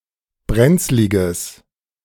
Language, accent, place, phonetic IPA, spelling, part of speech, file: German, Germany, Berlin, [ˈbʁɛnt͡slɪɡəs], brenzliges, adjective, De-brenzliges.ogg
- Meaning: strong/mixed nominative/accusative neuter singular of brenzlig